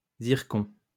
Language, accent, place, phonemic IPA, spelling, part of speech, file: French, France, Lyon, /ziʁ.kɔ̃/, zircon, noun, LL-Q150 (fra)-zircon.wav
- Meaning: zircon